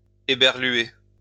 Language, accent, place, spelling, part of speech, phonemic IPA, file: French, France, Lyon, éberluer, verb, /e.bɛʁ.lɥe/, LL-Q150 (fra)-éberluer.wav
- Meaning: to astonish, to wow